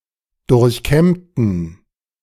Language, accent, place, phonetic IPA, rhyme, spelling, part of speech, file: German, Germany, Berlin, [ˌdʊʁçˈkɛmtn̩], -ɛmtn̩, durchkämmten, adjective / verb, De-durchkämmten.ogg
- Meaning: inflection of durchkämmen: 1. first/third-person plural preterite 2. first/third-person plural subjunctive II